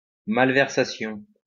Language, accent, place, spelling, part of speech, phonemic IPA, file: French, France, Lyon, malversation, noun, /mal.vɛʁ.sa.sjɔ̃/, LL-Q150 (fra)-malversation.wav
- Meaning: malversation, corruption